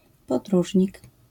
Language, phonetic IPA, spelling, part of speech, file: Polish, [pɔdˈruʒʲɲik], podróżnik, noun, LL-Q809 (pol)-podróżnik.wav